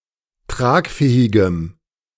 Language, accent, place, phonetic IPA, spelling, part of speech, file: German, Germany, Berlin, [ˈtʁaːkˌfɛːɪɡəm], tragfähigem, adjective, De-tragfähigem.ogg
- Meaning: strong dative masculine/neuter singular of tragfähig